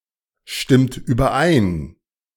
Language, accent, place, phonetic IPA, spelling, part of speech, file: German, Germany, Berlin, [ˌʃtɪmt yːbɐˈʔaɪ̯n], stimmt überein, verb, De-stimmt überein.ogg
- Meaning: inflection of übereinstimmen: 1. second-person plural present 2. third-person singular present 3. plural imperative